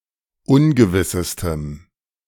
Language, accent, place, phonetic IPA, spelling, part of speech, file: German, Germany, Berlin, [ˈʊnɡəvɪsəstəm], ungewissestem, adjective, De-ungewissestem.ogg
- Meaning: strong dative masculine/neuter singular superlative degree of ungewiss